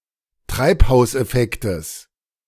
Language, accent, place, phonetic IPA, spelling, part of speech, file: German, Germany, Berlin, [ˈtʁaɪ̯phaʊ̯sʔɛˌfɛktəs], Treibhauseffektes, noun, De-Treibhauseffektes.ogg
- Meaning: genitive singular of Treibhauseffekt